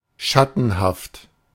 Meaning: shadowy, fuzzy, vague
- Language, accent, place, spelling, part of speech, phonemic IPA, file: German, Germany, Berlin, schattenhaft, adjective, /ˈʃatn̩haft/, De-schattenhaft.ogg